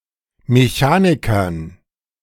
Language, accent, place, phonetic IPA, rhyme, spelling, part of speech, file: German, Germany, Berlin, [meˈçaːnɪkɐn], -aːnɪkɐn, Mechanikern, noun, De-Mechanikern.ogg
- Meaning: dative plural of Mechaniker